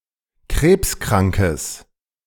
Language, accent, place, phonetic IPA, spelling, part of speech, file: German, Germany, Berlin, [ˈkʁeːpsˌkʁaŋkəs], krebskrankes, adjective, De-krebskrankes.ogg
- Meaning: strong/mixed nominative/accusative neuter singular of krebskrank